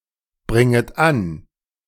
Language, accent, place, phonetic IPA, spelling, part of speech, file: German, Germany, Berlin, [ˌbʁɪŋət ˈan], bringet an, verb, De-bringet an.ogg
- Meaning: second-person plural subjunctive I of anbringen